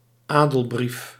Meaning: patent of nobility
- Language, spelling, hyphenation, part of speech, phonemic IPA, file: Dutch, adelbrief, adel‧brief, noun, /ˈaː.dəlˌbrif/, Nl-adelbrief.ogg